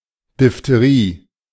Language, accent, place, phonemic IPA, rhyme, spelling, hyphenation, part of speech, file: German, Germany, Berlin, /dɪftəˈʁiː/, -iː, Diphtherie, Diph‧the‧rie, noun, De-Diphtherie.ogg
- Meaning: diphtheria (infectious disease of the upper respiratory tract)